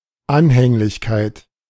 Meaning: devotedness
- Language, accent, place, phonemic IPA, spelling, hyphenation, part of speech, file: German, Germany, Berlin, /ˈanhɛŋlɪçkaɪ̯t/, Anhänglichkeit, An‧häng‧lich‧keit, noun, De-Anhänglichkeit.ogg